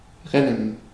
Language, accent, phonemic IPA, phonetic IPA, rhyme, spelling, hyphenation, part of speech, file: German, Germany, /ˈʁɛnn̩/, [ˈʁɛnən], -ɛnən, rennen, ren‧nen, verb, De-rennen.ogg
- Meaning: 1. to run; to race; to sprint (said of competing sportsmen, animals etc.) 2. to run over (someone)